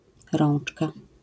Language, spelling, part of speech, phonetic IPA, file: Polish, rączka, noun, [ˈrɔ̃n͇t͡ʃka], LL-Q809 (pol)-rączka.wav